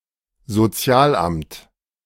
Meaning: welfare agency; benefits office
- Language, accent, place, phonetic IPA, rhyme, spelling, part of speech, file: German, Germany, Berlin, [zoˈt͡si̯aːlˌʔamt], -aːlʔamt, Sozialamt, noun, De-Sozialamt.ogg